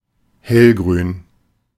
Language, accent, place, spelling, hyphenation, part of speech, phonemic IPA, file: German, Germany, Berlin, hellgrün, hell‧grün, adjective, /ˈhɛlɡʁyːn/, De-hellgrün.ogg
- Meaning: bright green